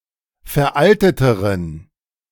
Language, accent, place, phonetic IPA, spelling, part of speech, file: German, Germany, Berlin, [fɛɐ̯ˈʔaltətəʁən], veralteteren, adjective, De-veralteteren.ogg
- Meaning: inflection of veraltet: 1. strong genitive masculine/neuter singular comparative degree 2. weak/mixed genitive/dative all-gender singular comparative degree